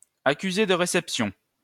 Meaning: receipt, acknowledgment of receipt
- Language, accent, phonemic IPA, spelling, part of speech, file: French, France, /a.ky.ze d(ə) ʁe.sɛp.sjɔ̃/, accusé de réception, noun, LL-Q150 (fra)-accusé de réception.wav